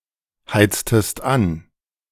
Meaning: inflection of anheizen: 1. second-person singular preterite 2. second-person singular subjunctive II
- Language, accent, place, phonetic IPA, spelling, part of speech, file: German, Germany, Berlin, [ˌhaɪ̯t͡stəst ˈan], heiztest an, verb, De-heiztest an.ogg